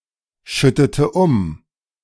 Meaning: inflection of umschütten: 1. first/third-person singular preterite 2. first/third-person singular subjunctive II
- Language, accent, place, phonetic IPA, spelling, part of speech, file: German, Germany, Berlin, [ˌʃʏtətə ˈʊm], schüttete um, verb, De-schüttete um.ogg